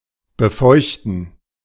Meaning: gerund of befeuchten
- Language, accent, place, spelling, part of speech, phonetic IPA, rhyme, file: German, Germany, Berlin, Befeuchten, noun, [bəˈfɔɪ̯çtn̩], -ɔɪ̯çtn̩, De-Befeuchten.ogg